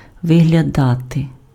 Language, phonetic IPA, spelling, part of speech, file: Ukrainian, [ʋeɦlʲɐˈdate], виглядати, verb, Uk-виглядати.ogg
- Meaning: 1. to look out, to peep out 2. to appear, to emerge, to come into view (become visible) 3. to look, to appear (give an appearance of being; seem)